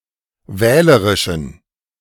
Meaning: inflection of wählerisch: 1. strong genitive masculine/neuter singular 2. weak/mixed genitive/dative all-gender singular 3. strong/weak/mixed accusative masculine singular 4. strong dative plural
- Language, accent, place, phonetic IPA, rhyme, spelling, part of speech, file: German, Germany, Berlin, [ˈvɛːləʁɪʃn̩], -ɛːləʁɪʃn̩, wählerischen, adjective, De-wählerischen.ogg